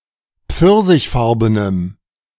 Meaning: strong dative masculine/neuter singular of pfirsichfarben
- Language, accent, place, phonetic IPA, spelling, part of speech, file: German, Germany, Berlin, [ˈp͡fɪʁzɪçˌfaʁbənəm], pfirsichfarbenem, adjective, De-pfirsichfarbenem.ogg